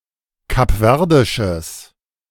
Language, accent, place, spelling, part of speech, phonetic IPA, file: German, Germany, Berlin, kapverdisches, adjective, [kapˈvɛʁdɪʃəs], De-kapverdisches.ogg
- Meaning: strong/mixed nominative/accusative neuter singular of kapverdisch